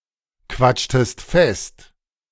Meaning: inflection of festquatschen: 1. second-person singular preterite 2. second-person singular subjunctive II
- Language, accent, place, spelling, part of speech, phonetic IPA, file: German, Germany, Berlin, quatschtest fest, verb, [ˌkvat͡ʃtəst ˈfɛst], De-quatschtest fest.ogg